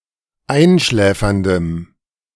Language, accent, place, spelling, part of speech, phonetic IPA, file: German, Germany, Berlin, einschläferndem, adjective, [ˈaɪ̯nˌʃlɛːfɐndəm], De-einschläferndem.ogg
- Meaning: strong dative masculine/neuter singular of einschläfernd